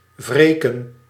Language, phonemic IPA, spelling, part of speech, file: Dutch, /ˈvreː.kə(n)/, wreken, verb, Nl-wreken.ogg
- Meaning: 1. to (take) revenge, to avenge, to take vengeance 2. to punish